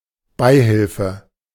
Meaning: 1. benefit, allowance, grant, subsidy 2. aiding, abetting
- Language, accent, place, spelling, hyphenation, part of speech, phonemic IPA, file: German, Germany, Berlin, Beihilfe, Bei‧hil‧fe, noun, /ˈbaɪ̯hɪlfə/, De-Beihilfe.ogg